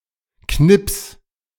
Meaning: 1. singular imperative of knipsen 2. first-person singular present of knipsen
- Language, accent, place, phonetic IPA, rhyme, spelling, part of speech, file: German, Germany, Berlin, [knɪps], -ɪps, knips, verb, De-knips.ogg